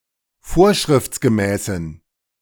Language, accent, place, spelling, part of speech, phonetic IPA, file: German, Germany, Berlin, vorschriftsgemäßen, adjective, [ˈfoːɐ̯ʃʁɪft͡sɡəˌmɛːsn̩], De-vorschriftsgemäßen.ogg
- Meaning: inflection of vorschriftsgemäß: 1. strong genitive masculine/neuter singular 2. weak/mixed genitive/dative all-gender singular 3. strong/weak/mixed accusative masculine singular